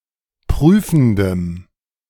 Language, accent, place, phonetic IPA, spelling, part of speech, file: German, Germany, Berlin, [ˈpʁyːfn̩dəm], prüfendem, adjective, De-prüfendem.ogg
- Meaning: strong dative masculine/neuter singular of prüfend